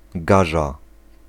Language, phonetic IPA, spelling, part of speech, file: Polish, [ˈɡaʒa], gaża, noun, Pl-gaża.ogg